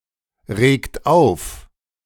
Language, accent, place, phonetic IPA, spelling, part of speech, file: German, Germany, Berlin, [ˌʁeːkt ˈaʊ̯f], regt auf, verb, De-regt auf.ogg
- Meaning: inflection of aufregen: 1. third-person singular present 2. second-person plural present 3. plural imperative